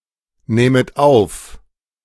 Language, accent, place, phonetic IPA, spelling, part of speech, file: German, Germany, Berlin, [ˌnɛːmət ˈaʊ̯f], nähmet auf, verb, De-nähmet auf.ogg
- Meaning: second-person plural subjunctive II of aufnehmen